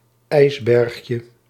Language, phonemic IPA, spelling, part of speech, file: Dutch, /ˈɛizbɛrᵊxjə/, ijsbergje, noun, Nl-ijsbergje.ogg
- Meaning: diminutive of ijsberg